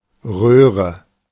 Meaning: 1. tube, duct, pipe 2. oven 3. box, television
- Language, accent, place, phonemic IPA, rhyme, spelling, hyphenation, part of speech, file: German, Germany, Berlin, /ˈʁøːʁə/, -øːʁə, Röhre, Röh‧re, noun, De-Röhre.ogg